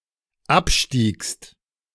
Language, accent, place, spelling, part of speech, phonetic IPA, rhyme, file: German, Germany, Berlin, abstiegst, verb, [ˈapˌʃtiːkst], -apʃtiːkst, De-abstiegst.ogg
- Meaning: second-person singular dependent preterite of absteigen